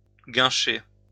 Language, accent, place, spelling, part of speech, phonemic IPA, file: French, France, Lyon, guincher, verb, /ɡɛ̃.ʃe/, LL-Q150 (fra)-guincher.wav
- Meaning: to boogie (dance)